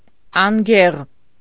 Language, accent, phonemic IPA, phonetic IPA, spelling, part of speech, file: Armenian, Eastern Armenian, /ɑnˈɡeʁ/, [ɑŋɡéʁ], անգեղ, adjective, Hy-անգեղ.ogg
- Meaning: ugly, deformed